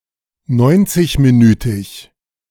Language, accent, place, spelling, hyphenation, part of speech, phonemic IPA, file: German, Germany, Berlin, neunzigminütig, neun‧zig‧mi‧nü‧tig, adjective, /ˈnɔɪ̯ntsɪçmiˌnyːtɪç/, De-neunzigminütig.ogg
- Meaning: ninety-minute